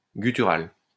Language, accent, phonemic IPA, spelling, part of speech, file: French, France, /ɡy.ty.ʁal/, gutturale, adjective, LL-Q150 (fra)-gutturale.wav
- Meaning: feminine singular of guttural